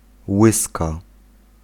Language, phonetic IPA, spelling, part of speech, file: Polish, [ˈwɨska], łyska, noun, Pl-łyska.ogg